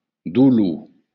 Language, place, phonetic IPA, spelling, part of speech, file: Occitan, Béarn, [duˈlu], dolor, noun, LL-Q14185 (oci)-dolor.wav
- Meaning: pain